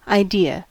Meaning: An abstract archetype of a given thing, compared to which real-life examples are seen as imperfect approximations; pure essence, as opposed to actual examples
- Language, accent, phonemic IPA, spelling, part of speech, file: English, US, /aːˈdɪɹ/, idea, noun, En-us-idea.ogg